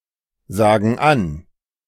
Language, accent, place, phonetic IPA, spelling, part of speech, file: German, Germany, Berlin, [ˌzaːɡn̩ ˈan], sagen an, verb, De-sagen an.ogg
- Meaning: inflection of ansagen: 1. first/third-person plural present 2. first/third-person plural subjunctive I